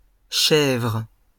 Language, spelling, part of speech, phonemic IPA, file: French, chèvres, noun, /ʃɛvʁ/, LL-Q150 (fra)-chèvres.wav
- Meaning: plural of chèvre